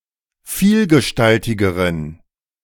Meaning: inflection of vielgestaltig: 1. strong genitive masculine/neuter singular comparative degree 2. weak/mixed genitive/dative all-gender singular comparative degree
- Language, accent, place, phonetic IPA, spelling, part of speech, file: German, Germany, Berlin, [ˈfiːlɡəˌʃtaltɪɡəʁən], vielgestaltigeren, adjective, De-vielgestaltigeren.ogg